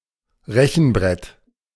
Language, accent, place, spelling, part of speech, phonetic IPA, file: German, Germany, Berlin, Rechenbrett, noun, [ˈʁɛçn̩ˌbʁɛt], De-Rechenbrett.ogg
- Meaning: 1. A calculation slate 2. An abacus, manual calculating frame